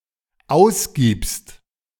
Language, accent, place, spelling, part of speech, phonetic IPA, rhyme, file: German, Germany, Berlin, ausgibst, verb, [ˈaʊ̯sˌɡiːpst], -aʊ̯sɡiːpst, De-ausgibst.ogg
- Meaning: second-person singular dependent present of ausgeben